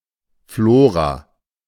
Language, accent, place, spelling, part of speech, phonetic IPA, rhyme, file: German, Germany, Berlin, Flora, noun / proper noun, [ˈfloːʁa], -oːʁa, De-Flora.ogg
- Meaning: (noun) flora (plants as a group; microorganisms); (proper noun) 1. Flora 2. a female given name from Latin, masculine equivalent Florian